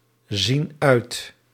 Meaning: inflection of uitzien: 1. plural present indicative 2. plural present subjunctive
- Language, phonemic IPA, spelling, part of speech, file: Dutch, /ˈzin ˈœyt/, zien uit, verb, Nl-zien uit.ogg